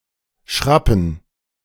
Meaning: 1. to grate or peel (vegetables) with a blade (knife, peeler) 2. to scrape, scratch, by (inadvertently) moving along a hard surface 3. to grab, amass, accumulate (wealth, typically bit by bit)
- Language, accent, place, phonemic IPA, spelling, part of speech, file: German, Germany, Berlin, /ˈʃrapən/, schrappen, verb, De-schrappen.ogg